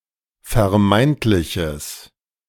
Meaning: strong/mixed nominative/accusative neuter singular of vermeintlich
- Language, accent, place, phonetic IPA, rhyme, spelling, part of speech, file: German, Germany, Berlin, [fɛɐ̯ˈmaɪ̯ntlɪçəs], -aɪ̯ntlɪçəs, vermeintliches, adjective, De-vermeintliches.ogg